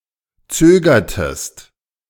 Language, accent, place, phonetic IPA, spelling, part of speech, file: German, Germany, Berlin, [ˈt͡søːɡɐtəst], zögertest, verb, De-zögertest.ogg
- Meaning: inflection of zögern: 1. second-person singular preterite 2. second-person singular subjunctive II